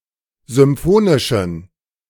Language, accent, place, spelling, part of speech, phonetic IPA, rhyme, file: German, Germany, Berlin, symphonischen, adjective, [zʏmˈfoːnɪʃn̩], -oːnɪʃn̩, De-symphonischen.ogg
- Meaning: inflection of symphonisch: 1. strong genitive masculine/neuter singular 2. weak/mixed genitive/dative all-gender singular 3. strong/weak/mixed accusative masculine singular 4. strong dative plural